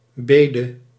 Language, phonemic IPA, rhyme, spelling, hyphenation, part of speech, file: Dutch, /ˈbeː.də/, -eːdə, bede, be‧de, noun, Nl-bede.ogg
- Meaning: 1. plea 2. a tax that was presented to lower-level governments as a petition for a lump sum; raising the tax was left to the lower-level governments 3. a prayer